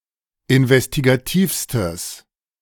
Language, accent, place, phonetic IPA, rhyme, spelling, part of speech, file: German, Germany, Berlin, [ɪnvɛstiɡaˈtiːfstəs], -iːfstəs, investigativstes, adjective, De-investigativstes.ogg
- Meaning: strong/mixed nominative/accusative neuter singular superlative degree of investigativ